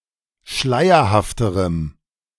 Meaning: strong dative masculine/neuter singular comparative degree of schleierhaft
- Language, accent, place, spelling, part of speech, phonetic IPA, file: German, Germany, Berlin, schleierhafterem, adjective, [ˈʃlaɪ̯ɐhaftəʁəm], De-schleierhafterem.ogg